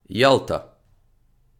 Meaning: Yalta (a resort city in Crimea, internationally recognized as part of Ukraine but de facto in Russia)
- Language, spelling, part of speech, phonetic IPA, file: Ukrainian, Ялта, proper noun, [ˈjaɫtɐ], Uk-Ялта.ogg